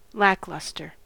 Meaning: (adjective) 1. Lacking brilliance or intelligence 2. Having no shine or luster; dull 3. Not exceptional; not worthy of special merit, attention, or interest; having no vitality
- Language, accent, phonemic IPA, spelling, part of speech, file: English, US, /ˈlæklʌstɚ/, lackluster, adjective / noun, En-us-lackluster.ogg